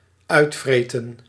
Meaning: 1. to be up to (usually negative) 2. to scrounge
- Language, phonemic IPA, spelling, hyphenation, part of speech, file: Dutch, /ˈœy̯tˌfreːtə(n)/, uitvreten, uit‧vre‧ten, verb, Nl-uitvreten.ogg